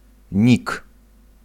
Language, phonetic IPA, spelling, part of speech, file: Polish, [nʲik], nick, noun, Pl-nick.ogg